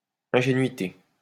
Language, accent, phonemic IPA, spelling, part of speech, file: French, France, /ɛ̃.ʒe.nɥi.te/, ingénuité, noun, LL-Q150 (fra)-ingénuité.wav
- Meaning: ingenuousness